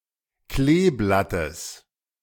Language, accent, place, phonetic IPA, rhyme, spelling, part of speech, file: German, Germany, Berlin, [ˈkleːˌblatəs], -eːblatəs, Kleeblattes, noun, De-Kleeblattes.ogg
- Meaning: genitive of Kleeblatt